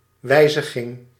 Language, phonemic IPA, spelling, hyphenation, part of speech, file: Dutch, /ˈʋɛi̯.zə.ɣɪŋ/, wijziging, wij‧zi‧ging, noun, Nl-wijziging.ogg
- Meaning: modification, edit, change